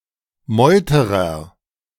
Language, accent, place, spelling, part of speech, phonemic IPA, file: German, Germany, Berlin, Meuterer, noun, /ˈmɔʏ̯təʁɐ/, De-Meuterer.ogg
- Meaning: mutineer